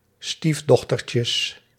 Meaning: plural of stiefdochtertje
- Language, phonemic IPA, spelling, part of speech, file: Dutch, /ˈstivdɔxtərcəs/, stiefdochtertjes, noun, Nl-stiefdochtertjes.ogg